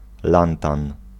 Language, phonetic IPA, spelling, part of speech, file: Polish, [ˈlãntãn], lantan, noun, Pl-lantan.ogg